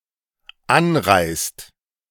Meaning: inflection of anreisen: 1. second/third-person singular dependent present 2. second-person plural dependent present
- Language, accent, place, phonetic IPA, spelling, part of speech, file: German, Germany, Berlin, [ˈanˌʁaɪ̯st], anreist, verb, De-anreist.ogg